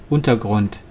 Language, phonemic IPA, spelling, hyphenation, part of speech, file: German, /ˈʔʊntɐˌɡʁʊnt/, Untergrund, Un‧ter‧grund, noun, De-Untergrund.wav
- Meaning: 1. subsurface, substratum 2. underground